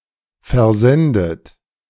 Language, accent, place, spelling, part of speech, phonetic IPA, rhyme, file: German, Germany, Berlin, versendet, verb, [fɛɐ̯ˈzɛndət], -ɛndət, De-versendet.ogg
- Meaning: 1. past participle of versenden 2. inflection of versenden: third-person singular present 3. inflection of versenden: second-person plural present 4. inflection of versenden: plural imperative